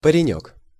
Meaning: diminutive of па́рень (párenʹ)
- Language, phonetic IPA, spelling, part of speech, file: Russian, [pərʲɪˈnʲɵk], паренёк, noun, Ru-паренёк.ogg